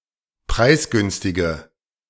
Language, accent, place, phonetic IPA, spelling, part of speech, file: German, Germany, Berlin, [ˈpʁaɪ̯sˌɡʏnstɪɡə], preisgünstige, adjective, De-preisgünstige.ogg
- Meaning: inflection of preisgünstig: 1. strong/mixed nominative/accusative feminine singular 2. strong nominative/accusative plural 3. weak nominative all-gender singular